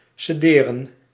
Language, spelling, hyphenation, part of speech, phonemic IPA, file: Dutch, cederen, ce‧de‧ren, verb, /səˈdeːrə(n)/, Nl-cederen.ogg
- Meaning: to cede, to hand over